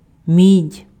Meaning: copper
- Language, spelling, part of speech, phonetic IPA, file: Ukrainian, мідь, noun, [mʲidʲ], Uk-мідь.oga